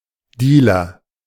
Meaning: drug dealer (one who illegally sells recreational drugs)
- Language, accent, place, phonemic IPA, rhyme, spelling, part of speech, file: German, Germany, Berlin, /ˈdiːlɐ/, -iːlɐ, Dealer, noun, De-Dealer.ogg